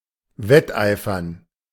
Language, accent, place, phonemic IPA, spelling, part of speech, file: German, Germany, Berlin, /ˈvɛtʔaɪ̯fɐn/, wetteifern, verb, De-wetteifern.ogg
- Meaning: to vie